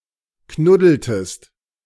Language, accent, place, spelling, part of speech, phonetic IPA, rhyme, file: German, Germany, Berlin, knuddeltest, verb, [ˈknʊdl̩təst], -ʊdl̩təst, De-knuddeltest.ogg
- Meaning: inflection of knuddeln: 1. second-person singular preterite 2. second-person singular subjunctive II